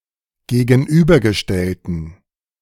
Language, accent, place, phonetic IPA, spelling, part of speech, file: German, Germany, Berlin, [ɡeːɡn̩ˈʔyːbɐɡəˌʃtɛltn̩], gegenübergestellten, adjective, De-gegenübergestellten.ogg
- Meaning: inflection of gegenübergestellt: 1. strong genitive masculine/neuter singular 2. weak/mixed genitive/dative all-gender singular 3. strong/weak/mixed accusative masculine singular